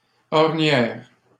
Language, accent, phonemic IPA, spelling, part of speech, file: French, Canada, /ɔʁ.njɛʁ/, ornière, noun, LL-Q150 (fra)-ornière.wav
- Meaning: 1. rut (groove in a road) 2. habit; routine